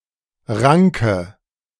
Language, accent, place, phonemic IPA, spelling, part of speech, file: German, Germany, Berlin, /ˈʁaŋkə/, ranke, verb / adjective, De-ranke.ogg
- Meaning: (verb) inflection of ranken: 1. first-person singular present 2. first/third-person singular subjunctive I 3. singular imperative